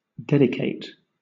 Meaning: 1. To set apart for a deity or for religious purposes; consecrate 2. To set apart for a special use 3. To commit (oneself) to a particular course of thought or action
- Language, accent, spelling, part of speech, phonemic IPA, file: English, Southern England, dedicate, verb, /ˈdɛdɪˌkeɪt/, LL-Q1860 (eng)-dedicate.wav